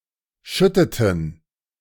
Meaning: inflection of schütten: 1. first/third-person plural preterite 2. first/third-person plural subjunctive II
- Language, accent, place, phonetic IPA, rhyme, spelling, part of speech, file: German, Germany, Berlin, [ˈʃʏtətn̩], -ʏtətn̩, schütteten, verb, De-schütteten.ogg